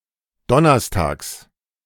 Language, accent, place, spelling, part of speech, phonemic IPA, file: German, Germany, Berlin, donnerstags, adverb, /ˈdɔnɐsˌtaːks/, De-donnerstags.ogg
- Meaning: 1. on Thursdays, every Thursday 2. on (the next or last) Thursday